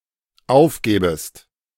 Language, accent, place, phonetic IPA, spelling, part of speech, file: German, Germany, Berlin, [ˈaʊ̯fˌɡɛːbəst], aufgäbest, verb, De-aufgäbest.ogg
- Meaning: second-person singular dependent subjunctive II of aufgeben